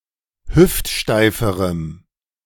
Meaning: strong dative masculine/neuter singular comparative degree of hüftsteif
- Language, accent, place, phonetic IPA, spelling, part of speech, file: German, Germany, Berlin, [ˈhʏftˌʃtaɪ̯fəʁəm], hüftsteiferem, adjective, De-hüftsteiferem.ogg